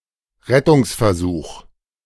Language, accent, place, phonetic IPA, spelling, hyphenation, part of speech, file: German, Germany, Berlin, [ˈʁɛtʊŋsfɛɐ̯ˌzuːx], Rettungsversuch, Ret‧tungs‧ver‧such, noun, De-Rettungsversuch.ogg
- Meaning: rescue attempt, rescue effort